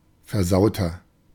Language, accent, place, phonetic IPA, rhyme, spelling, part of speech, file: German, Germany, Berlin, [fɛɐ̯ˈzaʊ̯tɐ], -aʊ̯tɐ, versauter, adjective, De-versauter.ogg
- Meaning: 1. comparative degree of versaut 2. inflection of versaut: strong/mixed nominative masculine singular 3. inflection of versaut: strong genitive/dative feminine singular